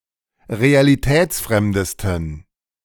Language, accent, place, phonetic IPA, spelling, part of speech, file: German, Germany, Berlin, [ʁealiˈtɛːt͡sˌfʁɛmdəstn̩], realitätsfremdesten, adjective, De-realitätsfremdesten.ogg
- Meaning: 1. superlative degree of realitätsfremd 2. inflection of realitätsfremd: strong genitive masculine/neuter singular superlative degree